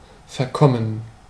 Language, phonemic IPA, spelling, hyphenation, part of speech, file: German, /fɛɐ̯ˈkɔmən/, verkommen, ver‧kom‧men, verb / adjective, De-verkommen.ogg
- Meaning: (verb) 1. to go bad, to decay 2. past participle of verkommen; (adjective) 1. debauched, depraved 2. reprobate